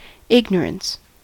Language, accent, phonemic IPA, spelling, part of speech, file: English, US, /ˈɪɡ.nɚ.əns/, ignorance, noun, En-us-ignorance.ogg
- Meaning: 1. The condition of being uninformed or uneducated; lack of knowledge or information 2. Sins committed through ignorance 3. Existential blindness